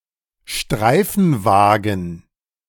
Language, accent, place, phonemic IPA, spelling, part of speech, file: German, Germany, Berlin, /ˈʃtʁaɪ̯fn̩ˌvaːɡn̩/, Streifenwagen, noun, De-Streifenwagen.ogg
- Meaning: police car (vehicle used by a police officer)